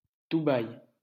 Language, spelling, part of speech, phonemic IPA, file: French, Dubaï, proper noun, /du.baj/, LL-Q150 (fra)-Dubaï.wav
- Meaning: 1. Dubai (an emirate of the United Arab Emirates) 2. Dubai (the capital city of Dubai emirate, United Arab Emirates)